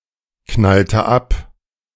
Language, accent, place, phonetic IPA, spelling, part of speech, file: German, Germany, Berlin, [ˌknaltə ˈap], knallte ab, verb, De-knallte ab.ogg
- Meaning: inflection of abknallen: 1. first/third-person singular preterite 2. first/third-person singular subjunctive II